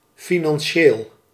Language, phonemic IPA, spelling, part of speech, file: Dutch, /ˌfinɑnˈʃel/, financieel, adjective, Nl-financieel.ogg
- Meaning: financial